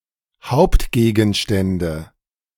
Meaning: plural of Hauptgegenstand
- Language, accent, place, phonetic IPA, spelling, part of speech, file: German, Germany, Berlin, [ˈhaʊ̯ptɡeːɡn̩ˌʃtɛndə], Hauptgegenstände, noun, De-Hauptgegenstände.ogg